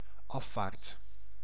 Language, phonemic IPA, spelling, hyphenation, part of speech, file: Dutch, /ˈɑ.faːrt/, afvaart, af‧vaart, noun, Nl-afvaart.ogg
- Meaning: departure, sailing